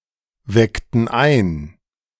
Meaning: inflection of einwecken: 1. first/third-person plural preterite 2. first/third-person plural subjunctive II
- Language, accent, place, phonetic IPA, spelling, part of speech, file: German, Germany, Berlin, [ˌvɛktn̩ ˈaɪ̯n], weckten ein, verb, De-weckten ein.ogg